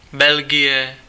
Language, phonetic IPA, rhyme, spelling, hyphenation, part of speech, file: Czech, [ˈbɛlɡɪjɛ], -ɪjɛ, Belgie, Bel‧gie, proper noun, Cs-Belgie.ogg
- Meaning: Belgium (a country in Western Europe that has borders with the Netherlands, Germany, Luxembourg and France)